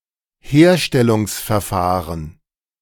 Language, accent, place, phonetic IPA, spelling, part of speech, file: German, Germany, Berlin, [ˈheːɐ̯ʃtɛlʊŋsfɛɐ̯ˌfaːʁən], Herstellungsverfahren, noun, De-Herstellungsverfahren.ogg
- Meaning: manufacturing process